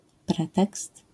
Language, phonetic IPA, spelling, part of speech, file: Polish, [ˈprɛtɛkst], pretekst, noun, LL-Q809 (pol)-pretekst.wav